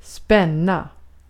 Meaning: 1. to tighten, to tense (make tense or taut, of muscles, a rope, a spring, or the like) 2. to pull (the string of) a bow or crossbow
- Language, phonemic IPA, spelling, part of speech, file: Swedish, /spɛnːa/, spänna, verb, Sv-spänna.ogg